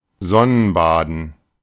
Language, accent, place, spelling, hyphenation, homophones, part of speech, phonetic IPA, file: German, Germany, Berlin, sonnenbaden, son‧nen‧ba‧den, Sonnenbaden, verb, [ˈzɔnənˌbaːdn̩], De-sonnenbaden.ogg
- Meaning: to sunbathe